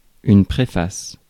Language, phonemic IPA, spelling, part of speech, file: French, /pʁe.fas/, préface, noun / verb, Fr-préface.ogg
- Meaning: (noun) preface; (verb) inflection of préfacer: 1. first/third-person singular present indicative/subjunctive 2. second-person singular imperative